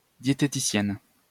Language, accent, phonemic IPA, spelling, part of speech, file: French, France, /dje.te.ti.sjɛn/, diététicienne, noun, LL-Q150 (fra)-diététicienne.wav
- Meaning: female equivalent of diététicien